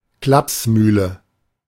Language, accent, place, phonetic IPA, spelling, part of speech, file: German, Germany, Berlin, [ˈklapsˌmyːlə], Klapsmühle, noun, De-Klapsmühle.ogg
- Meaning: loony bin